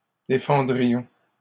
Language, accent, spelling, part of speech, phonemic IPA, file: French, Canada, défendrions, verb, /de.fɑ̃.dʁi.jɔ̃/, LL-Q150 (fra)-défendrions.wav
- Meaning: first-person plural conditional of défendre